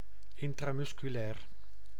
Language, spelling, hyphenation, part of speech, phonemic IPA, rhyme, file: Dutch, intramusculair, in‧tra‧mus‧cu‧lair, adjective, /ˌɪn.traː.mʏs.kyˈlɛːr/, -ɛːr, Nl-intramusculair.ogg
- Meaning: intramuscular